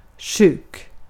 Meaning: 1. sick, ill (having a disease) 2. sick, disturbed, mentally unstable 3. sick (in bad taste)
- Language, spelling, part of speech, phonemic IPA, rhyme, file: Swedish, sjuk, adjective, /ɧʉːk/, -ʉːk, Sv-sjuk.ogg